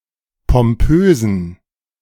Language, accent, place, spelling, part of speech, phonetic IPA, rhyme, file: German, Germany, Berlin, pompösen, adjective, [pɔmˈpøːzn̩], -øːzn̩, De-pompösen.ogg
- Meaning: inflection of pompös: 1. strong genitive masculine/neuter singular 2. weak/mixed genitive/dative all-gender singular 3. strong/weak/mixed accusative masculine singular 4. strong dative plural